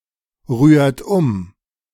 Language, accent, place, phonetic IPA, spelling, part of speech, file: German, Germany, Berlin, [ˌʁyːɐ̯t ˈʊm], rührt um, verb, De-rührt um.ogg
- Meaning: inflection of umrühren: 1. second-person plural present 2. third-person singular present 3. plural imperative